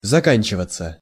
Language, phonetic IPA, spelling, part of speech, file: Russian, [zɐˈkanʲt͡ɕɪvət͡sə], заканчиваться, verb, Ru-заканчиваться.ogg
- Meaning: 1. to finish, to end, to be over 2. passive of зака́нчивать (zakánčivatʹ)